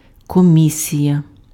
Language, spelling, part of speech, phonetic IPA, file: Ukrainian, комісія, noun, [koˈmʲisʲijɐ], Uk-комісія.ogg
- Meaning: 1. commission 2. committee